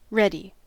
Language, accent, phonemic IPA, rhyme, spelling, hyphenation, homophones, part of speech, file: English, US, /ˈɹɛd.i/, -ɛdi, ready, read‧y, reddy, adjective / verb / noun, En-us-ready.ogg
- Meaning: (adjective) 1. Prepared for immediate action or use 2. Prepared for immediate action or use.: first only used predicatively, freely used from the end of the 17th century 3. Inclined; apt to happen